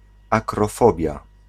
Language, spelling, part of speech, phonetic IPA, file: Polish, akrofobia, noun, [ˌakrɔˈfɔbʲja], Pl-akrofobia.ogg